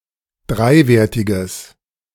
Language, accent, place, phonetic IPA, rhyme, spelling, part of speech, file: German, Germany, Berlin, [ˈdʁaɪ̯ˌveːɐ̯tɪɡəs], -aɪ̯veːɐ̯tɪɡəs, dreiwertiges, adjective, De-dreiwertiges.ogg
- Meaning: strong/mixed nominative/accusative neuter singular of dreiwertig